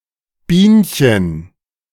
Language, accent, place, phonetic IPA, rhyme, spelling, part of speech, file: German, Germany, Berlin, [ˈbiːnçən], -iːnçən, Bienchen, noun, De-Bienchen.ogg
- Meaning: diminutive of Biene